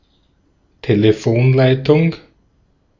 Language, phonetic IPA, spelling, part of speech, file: German, [ˈteːləfoːnˌlaɪ̯tʊŋ], Telefonleitung, noun, De-at-Telefonleitung.ogg
- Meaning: telephone line, phone line